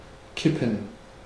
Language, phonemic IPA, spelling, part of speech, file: German, /ˈkɪpən/, kippen, verb, De-kippen.ogg
- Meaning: 1. to tilt 2. to dump; to pour 3. to tip over